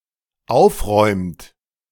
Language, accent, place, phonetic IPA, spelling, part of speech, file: German, Germany, Berlin, [ˈaʊ̯fˌʁɔɪ̯mt], aufräumt, verb, De-aufräumt.ogg
- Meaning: inflection of aufräumen: 1. third-person singular dependent present 2. second-person plural dependent present